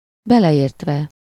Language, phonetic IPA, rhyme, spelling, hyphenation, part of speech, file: Hungarian, [ˈbɛlɛjeːrtvɛ], -vɛ, beleértve, be‧le‧ért‧ve, verb, Hu-beleértve.ogg
- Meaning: adverbial participle of beleért